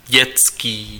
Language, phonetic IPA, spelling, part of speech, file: Czech, [ˈɟɛtskiː], dětský, adjective, Cs-dětský.ogg
- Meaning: 1. child, children, child's, children's 2. childish